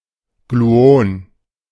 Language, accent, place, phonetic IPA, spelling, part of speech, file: German, Germany, Berlin, [ˈɡluːɔn], Gluon, noun, De-Gluon.ogg
- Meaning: gluon